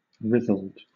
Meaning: wrinkled
- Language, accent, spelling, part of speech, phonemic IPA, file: English, Southern England, writhled, adjective, /ˈɹɪðəld/, LL-Q1860 (eng)-writhled.wav